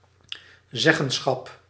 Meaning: seat at the table, say (partial control, partial decision-making power)
- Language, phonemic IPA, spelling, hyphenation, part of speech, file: Dutch, /ˈzɛ.ɣə(n)ˌsxɑp/, zeggenschap, zeg‧gen‧schap, noun, Nl-zeggenschap.ogg